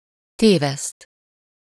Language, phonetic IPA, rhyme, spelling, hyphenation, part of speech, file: Hungarian, [ˈteːvɛst], -ɛst, téveszt, té‧veszt, verb, Hu-téveszt.ogg
- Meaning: to miss, to make a mistake